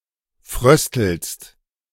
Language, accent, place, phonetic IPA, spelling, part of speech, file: German, Germany, Berlin, [ˈfʁœstl̩st], fröstelst, verb, De-fröstelst.ogg
- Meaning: second-person singular present of frösteln